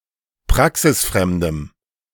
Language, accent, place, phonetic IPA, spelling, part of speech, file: German, Germany, Berlin, [ˈpʁaksɪsˌfʁɛmdəm], praxisfremdem, adjective, De-praxisfremdem.ogg
- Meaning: strong dative masculine/neuter singular of praxisfremd